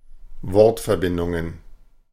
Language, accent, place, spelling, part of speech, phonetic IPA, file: German, Germany, Berlin, Wortverbindungen, noun, [ˈvɔʁtfɛɐ̯ˌbɪndʊŋən], De-Wortverbindungen.ogg
- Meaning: plural of Wortverbindung